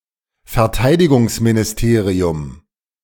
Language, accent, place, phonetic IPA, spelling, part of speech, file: German, Germany, Berlin, [fɛɐ̯ˈtaɪ̯dɪɡʊŋsminɪsˌteːʁiʊm], Verteidigungsministerium, noun, De-Verteidigungsministerium.ogg
- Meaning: defence ministry